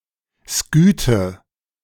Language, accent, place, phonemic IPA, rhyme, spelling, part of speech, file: German, Germany, Berlin, /ˈskyːtə/, -yːtə, Skythe, noun, De-Skythe.ogg
- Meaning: Scythian (person)